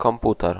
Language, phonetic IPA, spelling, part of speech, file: Polish, [kɔ̃mˈputɛr], komputer, noun, Pl-komputer.ogg